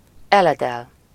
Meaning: 1. food, provisions, eatables, victuals, comestibles 2. fodder (for animals)
- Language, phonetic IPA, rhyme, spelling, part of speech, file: Hungarian, [ˈɛlɛdɛl], -ɛl, eledel, noun, Hu-eledel.ogg